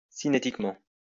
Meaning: kinetically
- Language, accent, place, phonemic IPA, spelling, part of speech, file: French, France, Lyon, /si.ne.tik.mɑ̃/, cinétiquement, adverb, LL-Q150 (fra)-cinétiquement.wav